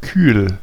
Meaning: 1. cool 2. calm, restrained, passionless 3. cool, frigid
- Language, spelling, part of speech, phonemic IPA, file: German, kühl, adjective, /kyːl/, De-kühl.ogg